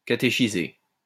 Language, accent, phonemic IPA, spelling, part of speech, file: French, France, /ka.te.ʃi.ze/, catéchiser, verb, LL-Q150 (fra)-catéchiser.wav
- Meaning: to catechise